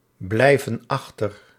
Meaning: inflection of achterblijven: 1. plural present indicative 2. plural present subjunctive
- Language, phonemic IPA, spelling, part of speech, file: Dutch, /ˈblɛivə(n) ˈɑxtər/, blijven achter, verb, Nl-blijven achter.ogg